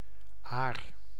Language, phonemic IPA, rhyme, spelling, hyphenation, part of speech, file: Dutch, /aːr/, -aːr, aar, aar, noun, Nl-aar.ogg
- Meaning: 1. ear (of corn, grain etc.) 2. eagle 3. alternative form of ader